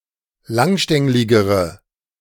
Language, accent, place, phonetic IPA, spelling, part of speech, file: German, Germany, Berlin, [ˈlaŋˌʃtɛŋlɪɡəʁə], langstängligere, adjective, De-langstängligere.ogg
- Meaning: inflection of langstänglig: 1. strong/mixed nominative/accusative feminine singular comparative degree 2. strong nominative/accusative plural comparative degree